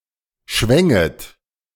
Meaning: second-person plural subjunctive I of schwingen
- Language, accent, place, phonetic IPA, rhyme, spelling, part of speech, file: German, Germany, Berlin, [ʃvɛŋət], -ɛŋət, schwänget, verb, De-schwänget.ogg